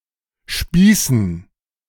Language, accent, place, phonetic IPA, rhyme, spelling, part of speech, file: German, Germany, Berlin, [ˈʃpiːsn̩], -iːsn̩, Spießen, noun, De-Spießen.ogg
- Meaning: dative plural of Spieß